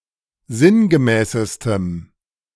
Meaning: strong dative masculine/neuter singular superlative degree of sinngemäß
- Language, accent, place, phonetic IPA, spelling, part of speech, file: German, Germany, Berlin, [ˈzɪnɡəˌmɛːsəstəm], sinngemäßestem, adjective, De-sinngemäßestem.ogg